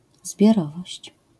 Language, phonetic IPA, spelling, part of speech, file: Polish, [zbʲjɔˈrɔvɔɕt͡ɕ], zbiorowość, noun, LL-Q809 (pol)-zbiorowość.wav